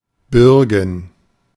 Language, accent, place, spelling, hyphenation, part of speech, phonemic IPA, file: German, Germany, Berlin, bürgen, bür‧gen, verb, /ˈbʏʁɡn̩/, De-bürgen.ogg
- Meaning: 1. to vouch 2. to guarantee 3. first/third-person plural subjunctive II of bergen